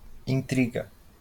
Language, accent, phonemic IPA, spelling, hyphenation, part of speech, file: Portuguese, Brazil, /ĩˈtɾi.ɡɐ/, intriga, in‧tri‧ga, noun / verb, LL-Q5146 (por)-intriga.wav
- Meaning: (noun) intrigue (a complicated or clandestine plot or scheme intended to effect some purpose by secret artifice); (verb) inflection of intrigar: third-person singular present indicative